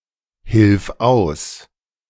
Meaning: singular imperative of aushelfen
- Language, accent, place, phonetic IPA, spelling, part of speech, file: German, Germany, Berlin, [ˌhɪlf ˈaʊ̯s], hilf aus, verb, De-hilf aus.ogg